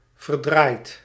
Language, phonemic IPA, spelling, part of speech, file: Dutch, /vərˈdrajt/, verdraaid, verb / interjection / adjective / adverb, Nl-verdraaid.ogg
- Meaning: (verb) past participle of verdraaien; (adjective) darned; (interjection) darn it!